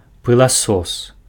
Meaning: vacuum cleaner
- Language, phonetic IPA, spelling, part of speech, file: Belarusian, [pɨɫaˈsos], пыласос, noun, Be-пыласос.ogg